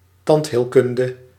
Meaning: dentistry
- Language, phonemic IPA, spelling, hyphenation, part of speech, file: Dutch, /ˈtɑnt.ɦeːlˌkʏn.də/, tandheelkunde, tand‧heel‧kun‧de, noun, Nl-tandheelkunde.ogg